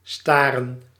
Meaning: to gaze, stare
- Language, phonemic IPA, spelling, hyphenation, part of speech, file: Dutch, /ˈstaːrə(n)/, staren, sta‧ren, verb, Nl-staren.ogg